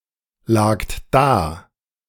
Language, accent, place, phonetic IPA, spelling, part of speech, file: German, Germany, Berlin, [ˌlaːkt ˈdaː], lagt da, verb, De-lagt da.ogg
- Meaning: second-person plural preterite of daliegen